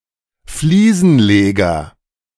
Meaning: tiler
- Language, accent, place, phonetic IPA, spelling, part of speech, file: German, Germany, Berlin, [ˈfliːzn̩ˌleɡɐ], Fliesenleger, noun, De-Fliesenleger.ogg